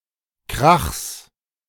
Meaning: genitive singular of Krach
- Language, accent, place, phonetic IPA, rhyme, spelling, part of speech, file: German, Germany, Berlin, [kʁaxs], -axs, Krachs, noun, De-Krachs.ogg